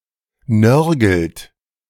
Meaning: inflection of nörgeln: 1. third-person singular present 2. second-person plural present 3. plural imperative
- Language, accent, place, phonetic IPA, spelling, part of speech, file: German, Germany, Berlin, [ˈnœʁɡl̩t], nörgelt, verb, De-nörgelt.ogg